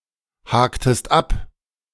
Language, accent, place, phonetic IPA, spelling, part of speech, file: German, Germany, Berlin, [ˌhaːktəst ˈap], haktest ab, verb, De-haktest ab.ogg
- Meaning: inflection of abhaken: 1. second-person singular preterite 2. second-person singular subjunctive II